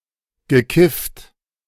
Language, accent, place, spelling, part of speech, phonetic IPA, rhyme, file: German, Germany, Berlin, gekifft, verb, [ɡəˈkɪft], -ɪft, De-gekifft.ogg
- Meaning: past participle of kiffen